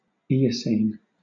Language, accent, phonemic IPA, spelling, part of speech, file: English, Southern England, /ˈiːəsiːn/, Eocene, adjective / proper noun, LL-Q1860 (eng)-Eocene.wav
- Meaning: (adjective) Of a geologic epoch within the Paleogene period from about 56 to 34 million years ago; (proper noun) The Eocene epoch